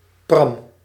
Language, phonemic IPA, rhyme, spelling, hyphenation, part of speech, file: Dutch, /prɑm/, -ɑm, pram, pram, noun, Nl-pram.ogg
- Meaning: 1. a boob, a tit 2. a breast of a breastfeeding woman or a teat of a suckling female